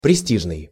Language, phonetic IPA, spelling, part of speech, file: Russian, [prʲɪˈsʲtʲiʐnɨj], престижный, adjective, Ru-престижный.ogg
- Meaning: prestigious, prestige